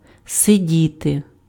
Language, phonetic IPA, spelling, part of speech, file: Ukrainian, [seˈdʲite], сидіти, verb, Uk-сидіти.ogg
- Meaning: 1. to sit 2. to be somewhere, to spend time somewhere: to have fun somewhere, to be a guest of someone 3. to be somewhere, to spend time somewhere: to live, to stay somewhere or with someone